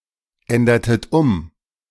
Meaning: inflection of umändern: 1. second-person plural preterite 2. second-person plural subjunctive II
- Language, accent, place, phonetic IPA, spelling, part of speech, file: German, Germany, Berlin, [ˌɛndɐtət ˈʊm], ändertet um, verb, De-ändertet um.ogg